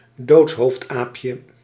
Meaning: squirrel monkey, monkey of the genus Saimiri
- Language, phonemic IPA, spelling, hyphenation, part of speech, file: Dutch, /ˈdoːts.ɦoːftˌaːp.jə/, doodshoofdaapje, doods‧hoofd‧aap‧je, noun, Nl-doodshoofdaapje.ogg